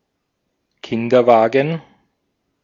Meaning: a carriage for a baby or small child, especially a pram/baby carriage, but also a pushchair/stroller
- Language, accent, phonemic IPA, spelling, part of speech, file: German, Austria, /ˈkɪndɐˌvaːɡən/, Kinderwagen, noun, De-at-Kinderwagen.ogg